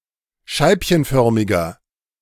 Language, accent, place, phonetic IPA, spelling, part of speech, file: German, Germany, Berlin, [ˈʃaɪ̯pçənˌfœʁmɪɡɐ], scheibchenförmiger, adjective, De-scheibchenförmiger.ogg
- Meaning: inflection of scheibchenförmig: 1. strong/mixed nominative masculine singular 2. strong genitive/dative feminine singular 3. strong genitive plural